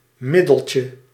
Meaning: diminutive of middel
- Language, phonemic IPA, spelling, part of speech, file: Dutch, /ˈmɪdəlcə/, middeltje, noun, Nl-middeltje.ogg